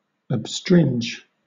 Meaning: To unbind; to loosen
- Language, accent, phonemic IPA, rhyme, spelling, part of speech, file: English, Southern England, /əb.stɹɪnd͡ʒ/, -ɪndʒ, abstringe, verb, LL-Q1860 (eng)-abstringe.wav